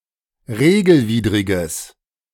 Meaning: strong/mixed nominative/accusative neuter singular of regelwidrig
- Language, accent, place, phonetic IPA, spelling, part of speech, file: German, Germany, Berlin, [ˈʁeːɡl̩ˌviːdʁɪɡəs], regelwidriges, adjective, De-regelwidriges.ogg